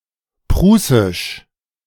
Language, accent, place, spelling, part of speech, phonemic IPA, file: German, Germany, Berlin, prußisch, adjective, /ˈpʁuːsɪʃ/, De-prußisch.ogg
- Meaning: Prussian, Old Prussian